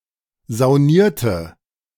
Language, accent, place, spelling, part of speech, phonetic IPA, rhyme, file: German, Germany, Berlin, saunierte, verb, [zaʊ̯ˈniːɐ̯tə], -iːɐ̯tə, De-saunierte.ogg
- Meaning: inflection of saunieren: 1. first/third-person singular preterite 2. first/third-person singular subjunctive II